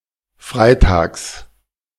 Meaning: genitive singular of Freitag
- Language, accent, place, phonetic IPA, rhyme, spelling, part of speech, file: German, Germany, Berlin, [ˈfʁaɪ̯ˌtaːks], -aɪ̯taːks, Freitags, noun, De-Freitags.ogg